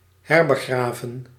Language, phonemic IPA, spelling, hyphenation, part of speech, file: Dutch, /ˈɦɛr.bəˌɣraː.və(n)/, herbegraven, her‧be‧gra‧ven, verb, Nl-herbegraven.ogg
- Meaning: to rebury